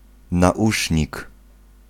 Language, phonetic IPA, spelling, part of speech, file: Polish, [naˈʷuʃʲɲik], nausznik, noun, Pl-nausznik.ogg